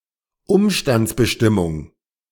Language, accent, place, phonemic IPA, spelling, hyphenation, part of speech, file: German, Germany, Berlin, /ˈʊmʃtant͡sbəˌʃtɪmʊŋ/, Umstandsbestimmung, Um‧stands‧be‧stim‧mung, noun, De-Umstandsbestimmung.ogg
- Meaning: adverbial phrase